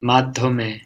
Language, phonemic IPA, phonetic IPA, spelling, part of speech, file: Bengali, /mad̪ʱːɔme/, [ˈmad̪ʱːɔmeˑ], মাধ্যমে, postposition, Bn-মাধ্যমে.ogg
- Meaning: through the medium of